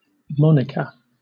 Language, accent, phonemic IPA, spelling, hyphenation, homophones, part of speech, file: English, Southern England, /ˈmɒn.ɪ.kə/, Monica, Mo‧ni‧ca, moniker, proper noun, LL-Q1860 (eng)-Monica.wav
- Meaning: A female given name from Latin